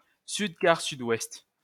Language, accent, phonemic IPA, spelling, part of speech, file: French, France, /syd.kaʁ.sy.dwɛst/, sud-quart-sud-ouest, noun, LL-Q150 (fra)-sud-quart-sud-ouest.wav
- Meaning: south by west (compass point)